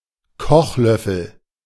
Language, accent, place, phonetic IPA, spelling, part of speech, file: German, Germany, Berlin, [ˈkɔxˌlœfəl], Kochlöffel, noun, De-Kochlöffel.ogg
- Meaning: wooden spoon for cooking